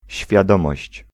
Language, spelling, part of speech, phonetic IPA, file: Polish, świadomość, noun, [ɕfʲjaˈdɔ̃mɔɕt͡ɕ], Pl-świadomość.ogg